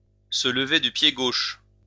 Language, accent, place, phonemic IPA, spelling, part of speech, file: French, France, Lyon, /sə l(ə).ve dy pje ɡoʃ/, se lever du pied gauche, verb, LL-Q150 (fra)-se lever du pied gauche.wav
- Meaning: to get up on the wrong side of the bed (to feel irritable without a particular reason)